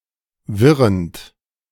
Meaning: present participle of wirren
- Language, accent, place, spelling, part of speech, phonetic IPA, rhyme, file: German, Germany, Berlin, wirrend, verb, [ˈvɪʁənt], -ɪʁənt, De-wirrend.ogg